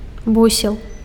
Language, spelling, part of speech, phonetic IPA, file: Belarusian, бусел, noun, [ˈbusʲeɫ], Be-бусел.ogg
- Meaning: stork